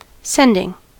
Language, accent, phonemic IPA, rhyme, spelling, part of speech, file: English, US, /ˈsɛndɪŋ/, -ɛndɪŋ, sending, verb / noun, En-us-sending.ogg
- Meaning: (verb) present participle and gerund of send; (noun) The act by which somebody or something is sent